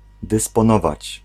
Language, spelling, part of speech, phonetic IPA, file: Polish, dysponować, verb, [ˌdɨspɔ̃ˈnɔvat͡ɕ], Pl-dysponować.ogg